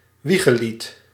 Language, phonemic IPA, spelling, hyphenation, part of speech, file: Dutch, /ˈʋi.ɣəˌlit/, wiegelied, wie‧ge‧lied, noun, Nl-wiegelied.ogg
- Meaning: a lullaby